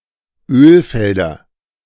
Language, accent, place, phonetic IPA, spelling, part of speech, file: German, Germany, Berlin, [ˈøːlˌfɛldɐ], Ölfelder, noun, De-Ölfelder.ogg
- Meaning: plural of Ölfeld